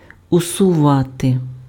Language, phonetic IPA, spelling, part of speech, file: Ukrainian, [ʊsʊˈʋate], усувати, verb, Uk-усувати.ogg
- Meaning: 1. to eliminate, to remove (get rid of something) 2. to remove, to dismiss (discharge someone from office) 3. alternative form of всува́ти (vsuváty)